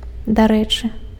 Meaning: by the way
- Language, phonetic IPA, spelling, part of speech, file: Belarusian, [daˈrɛt͡ʂɨ], дарэчы, adjective, Be-дарэчы.ogg